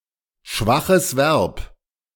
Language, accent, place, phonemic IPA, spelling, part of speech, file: German, Germany, Berlin, /ˈʃvaxəs vɛʁp/, schwaches Verb, noun, De-schwaches Verb.ogg
- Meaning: weak verb